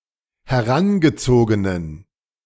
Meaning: inflection of herangezogen: 1. strong genitive masculine/neuter singular 2. weak/mixed genitive/dative all-gender singular 3. strong/weak/mixed accusative masculine singular 4. strong dative plural
- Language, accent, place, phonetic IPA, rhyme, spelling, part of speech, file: German, Germany, Berlin, [hɛˈʁanɡəˌt͡soːɡənən], -anɡət͡soːɡənən, herangezogenen, adjective, De-herangezogenen.ogg